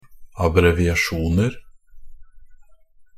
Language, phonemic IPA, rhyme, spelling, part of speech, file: Norwegian Bokmål, /abrɛʋɪaˈʃuːnər/, -ər, abbreviasjoner, noun, NB - Pronunciation of Norwegian Bokmål «abbreviasjoner».ogg
- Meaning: indefinite plural of abbreviasjon